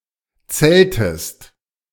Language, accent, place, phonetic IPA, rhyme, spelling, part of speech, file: German, Germany, Berlin, [ˈt͡sɛltəst], -ɛltəst, zeltest, verb, De-zeltest.ogg
- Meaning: inflection of zelten: 1. second-person singular present 2. second-person singular subjunctive I